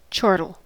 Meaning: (noun) 1. A joyful, somewhat muffled laugh, rather like a snorting chuckle 2. A similar sounding vocalisation of various birds; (verb) To laugh with a chortle or chortles
- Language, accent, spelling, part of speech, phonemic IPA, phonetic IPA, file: English, US, chortle, noun / verb, /ˈt͡ʃɔɹtəl/, [ˈt͡ʃɔɹɾɫ̩], En-us-chortle.ogg